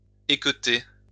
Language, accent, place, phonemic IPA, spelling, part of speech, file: French, France, Lyon, /e.kø.te/, équeuter, verb, LL-Q150 (fra)-équeuter.wav
- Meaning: to remove the stem from (a fruit); to stem, hull (a strawberry)